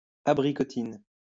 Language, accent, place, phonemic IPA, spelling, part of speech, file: French, France, Lyon, /a.bʁi.kɔ.tin/, abricotine, noun, LL-Q150 (fra)-abricotine.wav
- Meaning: a Swiss brandy made from apricots